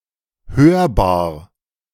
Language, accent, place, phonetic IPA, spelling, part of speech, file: German, Germany, Berlin, [ˈhøːɐ̯baːɐ̯], hörbar, adjective, De-hörbar.ogg
- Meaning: audible